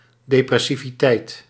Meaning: tendency towards depression
- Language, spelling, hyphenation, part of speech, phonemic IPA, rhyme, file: Dutch, depressiviteit, de‧pres‧si‧vi‧teit, noun, /ˌdeː.prɛ.si.viˈtɛi̯t/, -ɛi̯t, Nl-depressiviteit.ogg